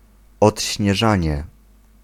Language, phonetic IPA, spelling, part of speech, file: Polish, [ˌɔtʲɕɲɛˈʒãɲɛ], odśnieżanie, noun, Pl-odśnieżanie.ogg